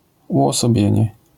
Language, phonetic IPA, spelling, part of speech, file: Polish, [ˌuʷɔsɔˈbʲjɛ̇̃ɲɛ], uosobienie, noun, LL-Q809 (pol)-uosobienie.wav